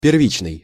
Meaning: 1. prime, initial, primary 2. primordial, virgin
- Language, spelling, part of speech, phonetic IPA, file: Russian, первичный, adjective, [pʲɪrˈvʲit͡ɕnɨj], Ru-первичный.ogg